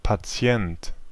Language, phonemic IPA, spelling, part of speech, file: German, /paˈt͡si̯ɛnt/, Patient, noun, De-Patient.ogg
- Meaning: patient (male or of unspecified sex or female)